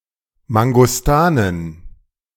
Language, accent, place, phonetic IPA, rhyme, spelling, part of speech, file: German, Germany, Berlin, [maŋɡɔsˈtaːnən], -aːnən, Mangostanen, noun, De-Mangostanen.ogg
- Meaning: plural of Mangostane